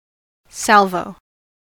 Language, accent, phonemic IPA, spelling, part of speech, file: English, US, /ˈsælvoʊ/, salvo, noun / verb, En-us-salvo.ogg
- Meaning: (noun) 1. An exception; a reservation; an excuse 2. A concentrated fire from pieces of artillery, as in endeavoring to make a break in a fortification; a volley